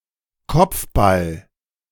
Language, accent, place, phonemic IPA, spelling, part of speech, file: German, Germany, Berlin, /ˈkɔp͡fˌbal/, Kopfball, noun, De-Kopfball.ogg
- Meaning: header